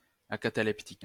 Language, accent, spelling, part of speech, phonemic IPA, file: French, France, acataleptique, adjective, /a.ka.ta.lɛp.tik/, LL-Q150 (fra)-acataleptique.wav
- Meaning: acataleptic